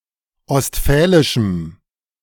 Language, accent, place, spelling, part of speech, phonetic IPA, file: German, Germany, Berlin, ostfälischem, adjective, [ɔstˈfɛːlɪʃm̩], De-ostfälischem.ogg
- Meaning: strong dative masculine/neuter singular of ostfälisch